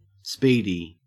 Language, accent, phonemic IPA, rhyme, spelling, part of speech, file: English, Australia, /ˈspiː.di/, -iːdi, speedy, adjective / verb, En-au-speedy.ogg
- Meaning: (adjective) Proceeding with or characterized by high speed; rapid; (verb) To process in a faster than normal, accelerated way